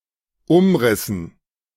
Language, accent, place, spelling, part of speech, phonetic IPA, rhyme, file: German, Germany, Berlin, Umrissen, noun, [ˈʊmˌʁɪsn̩], -ʊmʁɪsn̩, De-Umrissen.ogg
- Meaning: dative plural of Umriss